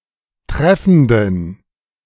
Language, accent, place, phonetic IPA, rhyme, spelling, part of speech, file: German, Germany, Berlin, [ˈtʁɛfn̩dən], -ɛfn̩dən, treffenden, adjective, De-treffenden.ogg
- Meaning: inflection of treffend: 1. strong genitive masculine/neuter singular 2. weak/mixed genitive/dative all-gender singular 3. strong/weak/mixed accusative masculine singular 4. strong dative plural